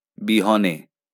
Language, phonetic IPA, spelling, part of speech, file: Bengali, [ˈbi.hɔ.neˑ], বিহনে, postposition, LL-Q9610 (ben)-বিহনে.wav
- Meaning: without, in the missingness of